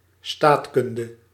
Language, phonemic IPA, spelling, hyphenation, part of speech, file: Dutch, /ˈstaːtˌkʏn.də/, staatkunde, staat‧kun‧de, noun, Nl-staatkunde.ogg
- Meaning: 1. knowledge or competence in governance or politics, esp. at a national level; statecraft 2. political philosophy, political theory, policy